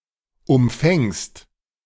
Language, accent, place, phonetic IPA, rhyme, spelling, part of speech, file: German, Germany, Berlin, [ʊmˈfɛŋst], -ɛŋst, umfängst, verb, De-umfängst.ogg
- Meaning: second-person singular present of umfangen